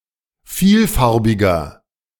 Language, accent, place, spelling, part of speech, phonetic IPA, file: German, Germany, Berlin, vielfarbiger, adjective, [ˈfiːlˌfaʁbɪɡɐ], De-vielfarbiger.ogg
- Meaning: 1. comparative degree of vielfarbig 2. inflection of vielfarbig: strong/mixed nominative masculine singular 3. inflection of vielfarbig: strong genitive/dative feminine singular